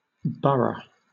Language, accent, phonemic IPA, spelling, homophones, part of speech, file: English, Southern England, /ˈbʌɹə/, burgh, borough / berg / burg, noun, LL-Q1860 (eng)-burgh.wav
- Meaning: 1. a small mound, often used in reference to tumuli (mostly restricted to place names) 2. a borough or chartered town (now only used as an official subdivision in Scotland)